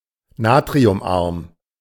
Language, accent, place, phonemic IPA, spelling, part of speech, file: German, Germany, Berlin, /ˈnaːtʁiʊmˌʔaʁm/, natriumarm, adjective, De-natriumarm.ogg
- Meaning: low-salt